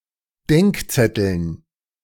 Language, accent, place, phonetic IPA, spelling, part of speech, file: German, Germany, Berlin, [ˈdɛŋkˌt͡sɛtl̩n], Denkzetteln, noun, De-Denkzetteln.ogg
- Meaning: dative plural of Denkzettel